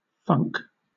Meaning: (noun) Foul or unpleasant smell, especially body odor
- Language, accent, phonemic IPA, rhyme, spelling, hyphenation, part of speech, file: English, Southern England, /fʌŋk/, -ʌŋk, funk, funk, noun / verb, LL-Q1860 (eng)-funk.wav